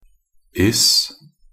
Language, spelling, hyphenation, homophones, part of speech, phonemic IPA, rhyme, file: Norwegian Bokmål, -is, -is, -iss, suffix, /ˈɪs/, -ɪs, Nb--is.ogg
- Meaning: Used to form nouns from adjectives, verbs and other nouns